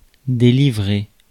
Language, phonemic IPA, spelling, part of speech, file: French, /de.li.vʁe/, délivrer, verb, Fr-délivrer.ogg
- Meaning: 1. to set free 2. to deliver (a message) 3. to deliver a child